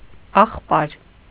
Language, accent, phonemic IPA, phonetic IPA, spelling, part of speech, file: Armenian, Eastern Armenian, /ɑχˈpɑɾ/, [ɑχpɑ́ɾ], ախպար, noun, Hy-ախպար.ogg
- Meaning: 1. alternative form of եղբայր (eġbayr) 2. a Western Armenian